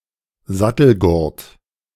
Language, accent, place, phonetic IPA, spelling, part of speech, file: German, Germany, Berlin, [ˈzatl̩ɡʊrt], Sattelgurt, noun, De-Sattelgurt.ogg
- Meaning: girth, saddle girth, cinch